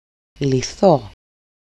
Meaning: first-person singular dependent passive of λύνω (lýno)
- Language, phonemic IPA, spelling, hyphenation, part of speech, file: Greek, /liˈθo/, λυθώ, λυ‧θώ, verb, El-λυθώ.ogg